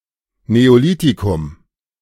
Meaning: Neolithic, New Stone Age
- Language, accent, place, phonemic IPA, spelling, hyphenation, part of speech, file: German, Germany, Berlin, /ˌneːoˈliːtikʊm/, Neolithikum, Neo‧li‧thi‧kum, noun, De-Neolithikum.ogg